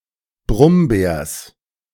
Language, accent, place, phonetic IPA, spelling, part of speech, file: German, Germany, Berlin, [ˈbʁʊmˌbɛːɐ̯s], Brummbärs, noun, De-Brummbärs.ogg
- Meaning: genitive singular of Brummbär